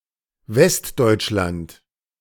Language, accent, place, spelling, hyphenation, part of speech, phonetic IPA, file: German, Germany, Berlin, Westdeutschland, West‧deutsch‧land, proper noun, [ˈvɛstdɔɪ̯t͡ʃˌlant], De-Westdeutschland.ogg
- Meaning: Western Germany: a geographic region of Germany, consisting of the states of North Rhine-Westphalia, Rhineland-Palatinate, and Saarland